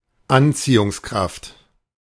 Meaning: 1. attractive force, such as gravitational force or magnetic force 2. charm; attractiveness; allure
- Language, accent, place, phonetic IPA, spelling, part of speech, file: German, Germany, Berlin, [ˈant͡siːʊŋsˌkʁaft], Anziehungskraft, noun, De-Anziehungskraft.ogg